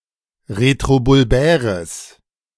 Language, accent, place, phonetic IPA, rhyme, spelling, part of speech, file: German, Germany, Berlin, [ʁetʁobʊlˈbɛːʁəs], -ɛːʁəs, retrobulbäres, adjective, De-retrobulbäres.ogg
- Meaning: strong/mixed nominative/accusative neuter singular of retrobulbär